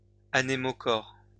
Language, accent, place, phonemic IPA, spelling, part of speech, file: French, France, Lyon, /a.ne.mo.kɔʁ/, anémochores, adjective, LL-Q150 (fra)-anémochores.wav
- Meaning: plural of anémochore